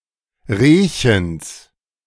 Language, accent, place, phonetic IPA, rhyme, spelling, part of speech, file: German, Germany, Berlin, [ˈʁeːçəns], -eːçəns, Rehchens, noun, De-Rehchens.ogg
- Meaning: genitive singular of Rehchen